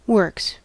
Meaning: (noun) 1. plural of work in its countable senses 2. A factory or factories, or a similar collection(s) of industrial facilities 3. A mechanism or machinery; the means by which something happens
- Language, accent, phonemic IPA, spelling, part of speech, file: English, US, /wɝks/, works, noun / verb, En-us-works.ogg